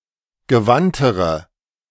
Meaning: inflection of gewandt: 1. strong/mixed nominative/accusative feminine singular comparative degree 2. strong nominative/accusative plural comparative degree
- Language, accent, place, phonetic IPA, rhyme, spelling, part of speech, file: German, Germany, Berlin, [ɡəˈvantəʁə], -antəʁə, gewandtere, adjective, De-gewandtere.ogg